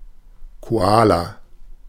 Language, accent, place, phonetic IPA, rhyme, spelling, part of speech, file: German, Germany, Berlin, [koˈaːla], -aːla, Koala, noun, De-Koala.ogg
- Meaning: koala